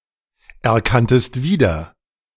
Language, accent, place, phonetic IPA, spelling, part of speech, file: German, Germany, Berlin, [ɛɐ̯ˌkantəst ˈviːdɐ], erkanntest wieder, verb, De-erkanntest wieder.ogg
- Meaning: second-person singular preterite of wiedererkennen